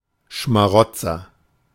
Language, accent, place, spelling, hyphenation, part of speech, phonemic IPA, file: German, Germany, Berlin, Schmarotzer, Schma‧rot‧zer, noun, /ʃmaˈʁɔtsɐ/, De-Schmarotzer.ogg
- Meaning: 1. parasite 2. freeloader, sponger (male or of unspecified gender)